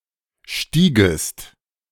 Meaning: second-person singular subjunctive II of steigen
- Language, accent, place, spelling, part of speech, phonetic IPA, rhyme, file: German, Germany, Berlin, stiegest, verb, [ˈʃtiːɡəst], -iːɡəst, De-stiegest.ogg